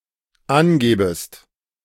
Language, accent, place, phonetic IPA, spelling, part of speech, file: German, Germany, Berlin, [ˈanˌɡɛːbəst], angäbest, verb, De-angäbest.ogg
- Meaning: second-person singular dependent subjunctive II of angeben